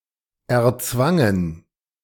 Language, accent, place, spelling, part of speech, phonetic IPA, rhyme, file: German, Germany, Berlin, erzwangen, verb, [ɛɐ̯ˈt͡svaŋən], -aŋən, De-erzwangen.ogg
- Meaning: first/third-person plural preterite of erzwingen